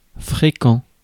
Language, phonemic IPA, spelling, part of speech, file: French, /fʁe.kɑ̃/, fréquent, adjective, Fr-fréquent.ogg
- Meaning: frequent